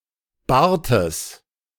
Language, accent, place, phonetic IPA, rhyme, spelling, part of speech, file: German, Germany, Berlin, [ˈbaːɐ̯təs], -aːɐ̯təs, Bartes, noun, De-Bartes.ogg
- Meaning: genitive singular of Bart